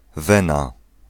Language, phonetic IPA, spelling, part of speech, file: Polish, [ˈvɛ̃na], wena, noun, Pl-wena.ogg